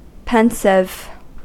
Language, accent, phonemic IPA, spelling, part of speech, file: English, US, /ˈpɛn(t).sɪv/, pensive, adjective, En-us-pensive.ogg
- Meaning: 1. Engaged in, involving, or reflecting deep or serious thought 2. Having the appearance of deep, often melancholic, thinking 3. Looking thoughtful, especially from sadness